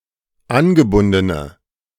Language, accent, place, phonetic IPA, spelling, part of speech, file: German, Germany, Berlin, [ˈanɡəˌbʊndənə], angebundene, adjective, De-angebundene.ogg
- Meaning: inflection of angebunden: 1. strong/mixed nominative/accusative feminine singular 2. strong nominative/accusative plural 3. weak nominative all-gender singular